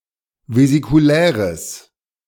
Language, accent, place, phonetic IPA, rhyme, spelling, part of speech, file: German, Germany, Berlin, [vezikuˈlɛːʁəs], -ɛːʁəs, vesikuläres, adjective, De-vesikuläres.ogg
- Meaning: strong/mixed nominative/accusative neuter singular of vesikulär